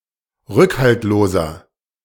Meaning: 1. comparative degree of rückhaltlos 2. inflection of rückhaltlos: strong/mixed nominative masculine singular 3. inflection of rückhaltlos: strong genitive/dative feminine singular
- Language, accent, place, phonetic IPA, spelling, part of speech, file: German, Germany, Berlin, [ˈʁʏkhaltloːzɐ], rückhaltloser, adjective, De-rückhaltloser.ogg